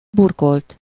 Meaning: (verb) 1. third-person singular indicative past indefinite of burkol 2. past participle of burkol; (adjective) 1. covered, wrapped, enveloped 2. hidden, disguised, surreptitious, covert
- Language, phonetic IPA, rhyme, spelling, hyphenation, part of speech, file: Hungarian, [ˈburkolt], -olt, burkolt, bur‧kolt, verb / adjective, Hu-burkolt.ogg